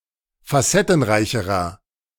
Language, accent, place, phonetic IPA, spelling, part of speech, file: German, Germany, Berlin, [faˈsɛtn̩ˌʁaɪ̯çəʁɐ], facettenreicherer, adjective, De-facettenreicherer.ogg
- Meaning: inflection of facettenreich: 1. strong/mixed nominative masculine singular comparative degree 2. strong genitive/dative feminine singular comparative degree